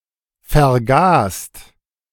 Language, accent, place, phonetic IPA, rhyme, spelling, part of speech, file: German, Germany, Berlin, [fɛɐ̯ˈɡaːst], -aːst, vergast, verb, De-vergast.ogg
- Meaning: 1. past participle of vergasen 2. inflection of vergasen: second-person singular/plural present 3. inflection of vergasen: third-person singular present 4. inflection of vergasen: plural imperative